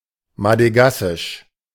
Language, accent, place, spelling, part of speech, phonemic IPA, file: German, Germany, Berlin, madegassisch, adjective, /madəˈɡasɪʃ/, De-madegassisch.ogg
- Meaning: alternative form of madagassisch